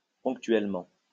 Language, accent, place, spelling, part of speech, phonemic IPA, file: French, France, Lyon, ponctuellement, adverb, /pɔ̃k.tɥɛl.mɑ̃/, LL-Q150 (fra)-ponctuellement.wav
- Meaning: 1. punctually 2. occasionally, less frequently, only at certain times